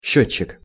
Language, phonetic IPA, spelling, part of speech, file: Russian, [ˈɕːɵt͡ɕːɪk], счётчик, noun, Ru-счётчик.ogg
- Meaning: 1. counter, meter 2. calculator, computer (person)